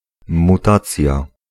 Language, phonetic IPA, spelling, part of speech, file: Polish, [muˈtat͡sʲja], mutacja, noun, Pl-mutacja.ogg